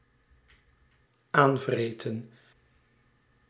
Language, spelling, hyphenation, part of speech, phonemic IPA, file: Dutch, aanvreten, aan‧vre‧ten, verb, /ˈaːnvreːtə(n)/, Nl-aanvreten.ogg
- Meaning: 1. to eat at, to damage by eating 2. to corrode